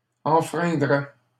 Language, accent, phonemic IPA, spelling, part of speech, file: French, Canada, /ɑ̃.fʁɛ̃.dʁɛ/, enfreindrait, verb, LL-Q150 (fra)-enfreindrait.wav
- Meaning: third-person singular conditional of enfreindre